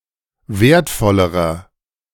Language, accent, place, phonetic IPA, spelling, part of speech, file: German, Germany, Berlin, [ˈveːɐ̯tˌfɔləʁɐ], wertvollerer, adjective, De-wertvollerer.ogg
- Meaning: inflection of wertvoll: 1. strong/mixed nominative masculine singular comparative degree 2. strong genitive/dative feminine singular comparative degree 3. strong genitive plural comparative degree